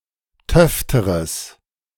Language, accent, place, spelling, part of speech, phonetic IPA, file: German, Germany, Berlin, töfteres, adjective, [ˈtœftəʁəs], De-töfteres.ogg
- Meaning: strong/mixed nominative/accusative neuter singular comparative degree of töfte